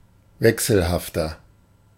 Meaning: 1. comparative degree of wechselhaft 2. inflection of wechselhaft: strong/mixed nominative masculine singular 3. inflection of wechselhaft: strong genitive/dative feminine singular
- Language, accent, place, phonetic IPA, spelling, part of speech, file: German, Germany, Berlin, [ˈvɛksl̩haftɐ], wechselhafter, adjective, De-wechselhafter.ogg